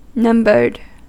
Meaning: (verb) simple past and past participle of number; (adjective) 1. Containing numbers 2. limited in quantity, finite
- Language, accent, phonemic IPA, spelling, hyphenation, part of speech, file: English, US, /ˈnʌmbɚd/, numbered, num‧bered, verb / adjective, En-us-numbered.ogg